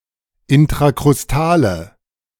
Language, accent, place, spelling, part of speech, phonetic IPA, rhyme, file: German, Germany, Berlin, intrakrustale, adjective, [ɪntʁakʁʊsˈtaːlə], -aːlə, De-intrakrustale.ogg
- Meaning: inflection of intrakrustal: 1. strong/mixed nominative/accusative feminine singular 2. strong nominative/accusative plural 3. weak nominative all-gender singular